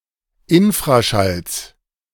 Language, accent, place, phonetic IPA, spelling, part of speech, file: German, Germany, Berlin, [ˈɪnfʁaˌʃals], Infraschalls, noun, De-Infraschalls.ogg
- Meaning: genitive singular of Infraschall